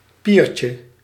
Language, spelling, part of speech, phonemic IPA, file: Dutch, piertje, noun, /ˈpircə/, Nl-piertje.ogg
- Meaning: diminutive of pier